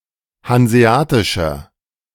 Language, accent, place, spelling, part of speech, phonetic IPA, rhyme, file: German, Germany, Berlin, hanseatischer, adjective, [hanzeˈaːtɪʃɐ], -aːtɪʃɐ, De-hanseatischer.ogg
- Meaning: inflection of hanseatisch: 1. strong/mixed nominative masculine singular 2. strong genitive/dative feminine singular 3. strong genitive plural